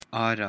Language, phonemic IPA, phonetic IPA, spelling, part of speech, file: Pashto, /ɑ.ra/, [ɑ́.ɾä], آره, noun, آره.ogg
- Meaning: 1. original 2. real